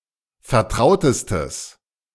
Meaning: strong/mixed nominative/accusative neuter singular superlative degree of vertraut
- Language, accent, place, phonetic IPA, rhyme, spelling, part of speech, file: German, Germany, Berlin, [fɛɐ̯ˈtʁaʊ̯təstəs], -aʊ̯təstəs, vertrautestes, adjective, De-vertrautestes.ogg